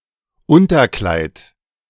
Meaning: slip (undergarment), petticoat
- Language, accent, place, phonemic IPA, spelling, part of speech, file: German, Germany, Berlin, /ˈʊntɐˌklaɪ̯t/, Unterkleid, noun, De-Unterkleid.ogg